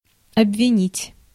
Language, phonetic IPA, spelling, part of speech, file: Russian, [ɐbvʲɪˈnʲitʲ], обвинить, verb, Ru-обвинить.ogg
- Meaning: to accuse, to charge, to blame